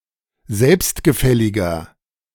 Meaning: 1. comparative degree of selbstgefällig 2. inflection of selbstgefällig: strong/mixed nominative masculine singular 3. inflection of selbstgefällig: strong genitive/dative feminine singular
- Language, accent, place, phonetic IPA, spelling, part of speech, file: German, Germany, Berlin, [ˈzɛlpstɡəˌfɛlɪɡɐ], selbstgefälliger, adjective, De-selbstgefälliger.ogg